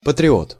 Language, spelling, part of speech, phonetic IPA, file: Russian, патриот, noun, [pətrʲɪˈot], Ru-патриот.ogg
- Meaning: patriot